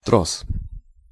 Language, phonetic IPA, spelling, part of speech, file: Russian, [tros], трос, noun, Ru-трос.ogg
- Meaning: hawser, line, rope (thick)